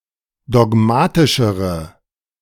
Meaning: inflection of dogmatisch: 1. strong/mixed nominative/accusative feminine singular comparative degree 2. strong nominative/accusative plural comparative degree
- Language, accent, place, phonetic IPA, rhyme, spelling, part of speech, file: German, Germany, Berlin, [dɔˈɡmaːtɪʃəʁə], -aːtɪʃəʁə, dogmatischere, adjective, De-dogmatischere.ogg